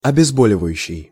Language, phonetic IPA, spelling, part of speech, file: Russian, [ɐbʲɪzˈbolʲɪvəjʉɕːɪj], обезболивающий, verb / adjective, Ru-обезболивающий.ogg
- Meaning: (verb) present active imperfective participle of обезбо́ливать (obezbólivatʹ, “to anaesthetise”); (adjective) analgesic, anaesthetic, pain-relieving